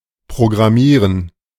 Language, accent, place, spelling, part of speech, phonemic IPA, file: German, Germany, Berlin, programmieren, verb, /pʁoɡʁaˈmiːʁən/, De-programmieren.ogg
- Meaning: to program (enter a program or other instructions into a computer)